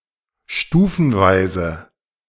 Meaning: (adverb) 1. gradually 2. progressively, incrementally; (adjective) step-by-step, stepwise, gradual, staged
- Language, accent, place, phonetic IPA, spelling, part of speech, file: German, Germany, Berlin, [ˈʃtuːfn̩ˌvaɪ̯zə], stufenweise, adverb / adjective, De-stufenweise.ogg